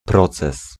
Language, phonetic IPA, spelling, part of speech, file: Polish, [ˈprɔt͡sɛs], proces, noun, Pl-proces.ogg